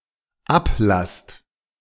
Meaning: second-person plural dependent present of ablassen
- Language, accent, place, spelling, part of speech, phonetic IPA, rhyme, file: German, Germany, Berlin, ablasst, verb, [ˈapˌlast], -aplast, De-ablasst.ogg